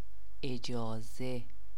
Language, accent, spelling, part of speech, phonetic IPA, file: Persian, Iran, اجازه, noun, [ʔe.d͡ʒɒː.zé], Fa-اجازه.ogg
- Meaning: 1. permission 2. approval